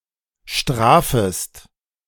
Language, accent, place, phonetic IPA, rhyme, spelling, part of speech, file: German, Germany, Berlin, [ˈʃtʁaːfəst], -aːfəst, strafest, verb, De-strafest.ogg
- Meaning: second-person singular subjunctive I of strafen